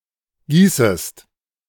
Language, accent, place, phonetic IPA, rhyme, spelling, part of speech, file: German, Germany, Berlin, [ˈɡiːsəst], -iːsəst, gießest, verb, De-gießest.ogg
- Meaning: second-person singular subjunctive I of gießen